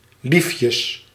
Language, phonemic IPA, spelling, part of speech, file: Dutch, /ˈlifjəs/, liefjes, noun, Nl-liefjes.ogg
- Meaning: plural of liefje